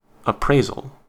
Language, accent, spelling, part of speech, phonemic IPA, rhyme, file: English, US, appraisal, noun, /əˈpɹeɪzəl/, -eɪzəl, En-us-appraisal.ogg
- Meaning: 1. The act or process of developing an opinion of value 2. A judgment or assessment of the value of something, especially a formal one